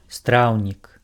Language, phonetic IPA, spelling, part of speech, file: Belarusian, [ˈstrau̯nʲik], страўнік, noun, Be-страўнік.ogg
- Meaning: stomach